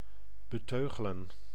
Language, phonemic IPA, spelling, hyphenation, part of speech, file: Dutch, /bəˈtøːɣələ(n)/, beteugelen, be‧teu‧ge‧len, verb, Nl-beteugelen.ogg
- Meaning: to curb, rein